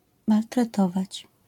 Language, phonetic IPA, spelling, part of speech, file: Polish, [ˌmaltrɛˈtɔvat͡ɕ], maltretować, verb, LL-Q809 (pol)-maltretować.wav